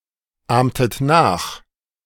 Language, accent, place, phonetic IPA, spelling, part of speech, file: German, Germany, Berlin, [ˌaːmtət ˈnaːx], ahmtet nach, verb, De-ahmtet nach.ogg
- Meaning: inflection of nachahmen: 1. second-person plural preterite 2. second-person plural subjunctive II